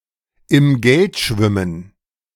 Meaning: to be rolling in money, to be rolling in it, to be minting it (to be extremely well-off financially)
- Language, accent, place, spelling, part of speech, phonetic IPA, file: German, Germany, Berlin, im Geld schwimmen, phrase, [ɪm ˈɡɛlt ˈʃvɪmən], De-im Geld schwimmen.ogg